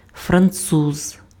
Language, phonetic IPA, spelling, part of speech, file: Ukrainian, [frɐnˈt͡suz], француз, noun, Uk-француз.ogg
- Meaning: French, Frenchman